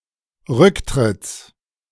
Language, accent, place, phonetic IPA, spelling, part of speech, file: German, Germany, Berlin, [ˈʁʏkˌtʁɪt͡s], Rücktritts, noun, De-Rücktritts.ogg
- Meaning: genitive singular of Rücktritt